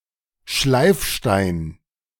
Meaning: 1. grindstone 2. whetstone, sharpening stone
- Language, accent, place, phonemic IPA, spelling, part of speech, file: German, Germany, Berlin, /ˈʃlaɪ̯fˌʃtaɪ̯n/, Schleifstein, noun, De-Schleifstein.ogg